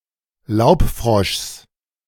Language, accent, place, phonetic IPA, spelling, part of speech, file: German, Germany, Berlin, [ˈlaʊ̯pˌfʁɔʃs], Laubfroschs, noun, De-Laubfroschs.ogg
- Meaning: genitive of Laubfrosch